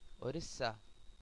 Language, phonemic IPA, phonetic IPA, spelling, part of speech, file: Hindi, /ʊ.ɽiː.sɑː/, [ʊ.ɽiː.säː], उड़ीसा, proper noun, Orissa.ogg
- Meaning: Odisha (a state in eastern India)